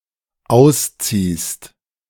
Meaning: second-person singular dependent present of ausziehen
- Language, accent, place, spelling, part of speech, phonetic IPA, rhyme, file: German, Germany, Berlin, ausziehst, verb, [ˈaʊ̯sˌt͡siːst], -aʊ̯st͡siːst, De-ausziehst.ogg